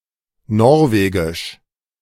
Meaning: Norwegian (of or pertaining to Norway, its people or its language)
- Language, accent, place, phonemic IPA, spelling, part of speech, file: German, Germany, Berlin, /ˈnɔʁveːɡɪʃ/, norwegisch, adjective, De-norwegisch.ogg